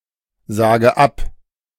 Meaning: inflection of absagen: 1. first-person singular present 2. first/third-person singular subjunctive I 3. singular imperative
- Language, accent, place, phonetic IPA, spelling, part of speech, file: German, Germany, Berlin, [ˌzaːɡə ˈap], sage ab, verb, De-sage ab.ogg